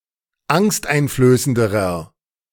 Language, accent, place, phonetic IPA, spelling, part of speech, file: German, Germany, Berlin, [ˈaŋstʔaɪ̯nfløːsəndəʁɐ], angsteinflößenderer, adjective, De-angsteinflößenderer.ogg
- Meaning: inflection of angsteinflößend: 1. strong/mixed nominative masculine singular comparative degree 2. strong genitive/dative feminine singular comparative degree